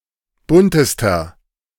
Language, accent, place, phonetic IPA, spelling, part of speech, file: German, Germany, Berlin, [ˈbʊntəstɐ], buntester, adjective, De-buntester.ogg
- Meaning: inflection of bunt: 1. strong/mixed nominative masculine singular superlative degree 2. strong genitive/dative feminine singular superlative degree 3. strong genitive plural superlative degree